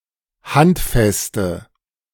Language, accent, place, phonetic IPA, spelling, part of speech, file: German, Germany, Berlin, [ˈhantˌfɛstə], handfeste, adjective, De-handfeste.ogg
- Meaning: inflection of handfest: 1. strong/mixed nominative/accusative feminine singular 2. strong nominative/accusative plural 3. weak nominative all-gender singular